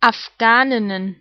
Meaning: plural of Afghanin
- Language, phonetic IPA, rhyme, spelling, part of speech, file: German, [afˈɡaːnɪnən], -aːnɪnən, Afghaninnen, noun, De-Afghaninnen.ogg